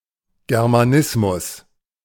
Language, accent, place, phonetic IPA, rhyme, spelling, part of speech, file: German, Germany, Berlin, [ɡɛʁmaˈnɪsmʊs], -ɪsmʊs, Germanismus, noun, De-Germanismus.ogg
- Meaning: Germanism